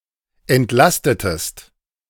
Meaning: inflection of entlasten: 1. second-person singular preterite 2. second-person singular subjunctive II
- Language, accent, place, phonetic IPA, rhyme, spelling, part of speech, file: German, Germany, Berlin, [ɛntˈlastətəst], -astətəst, entlastetest, verb, De-entlastetest.ogg